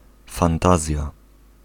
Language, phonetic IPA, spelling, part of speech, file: Polish, [fãnˈtazʲja], fantazja, noun, Pl-fantazja.ogg